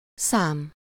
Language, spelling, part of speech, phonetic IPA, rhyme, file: Hungarian, szám, noun, [ˈsaːm], -aːm, Hu-szám.ogg
- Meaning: 1. number, quantity (abstract entity used to describe quantity) 2. number, figure, numeric, data 3. number, numeral (symbol that represents a number) 4. number, numeric identifier